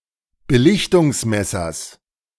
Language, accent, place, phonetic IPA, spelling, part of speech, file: German, Germany, Berlin, [bəˈlɪçtʊŋsˌmɛsɐs], Belichtungsmessers, noun, De-Belichtungsmessers.ogg
- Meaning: genitive singular of Belichtungsmesser